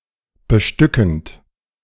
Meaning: present participle of bestücken
- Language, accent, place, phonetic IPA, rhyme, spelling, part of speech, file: German, Germany, Berlin, [bəˈʃtʏkn̩t], -ʏkn̩t, bestückend, verb, De-bestückend.ogg